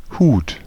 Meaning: 1. hat 2. head, top 3. protection, supervision, guard, ward, keeping, care
- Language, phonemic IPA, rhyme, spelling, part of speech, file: German, /huːt/, -uːt, Hut, noun, De-Hut.ogg